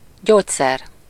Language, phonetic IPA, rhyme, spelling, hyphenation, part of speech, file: Hungarian, [ˈɟoːcsɛr], -ɛr, gyógyszer, gyógy‧szer, noun, Hu-gyógyszer.ogg
- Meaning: remedy, medicine, drug